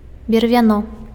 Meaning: log
- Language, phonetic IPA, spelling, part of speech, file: Belarusian, [bʲervʲaˈno], бервяно, noun, Be-бервяно.ogg